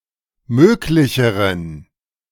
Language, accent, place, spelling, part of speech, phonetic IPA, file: German, Germany, Berlin, möglicheren, adjective, [ˈmøːklɪçəʁən], De-möglicheren.ogg
- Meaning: inflection of möglich: 1. strong genitive masculine/neuter singular comparative degree 2. weak/mixed genitive/dative all-gender singular comparative degree